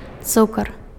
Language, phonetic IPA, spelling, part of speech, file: Belarusian, [ˈt͡sukar], цукар, noun, Be-цукар.ogg
- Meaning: sugar